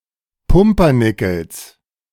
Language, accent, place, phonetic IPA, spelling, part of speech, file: German, Germany, Berlin, [ˈpʊmpɐˌnɪkl̩s], Pumpernickels, noun, De-Pumpernickels.ogg
- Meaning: genitive singular of Pumpernickel